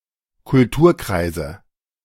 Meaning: 1. nominative/accusative/genitive plural of Kulturkreis 2. dative singular of Kulturkreis
- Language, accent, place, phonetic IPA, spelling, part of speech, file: German, Germany, Berlin, [kʊlˈtuːɐ̯ˌkʁaɪ̯zə], Kulturkreise, noun, De-Kulturkreise.ogg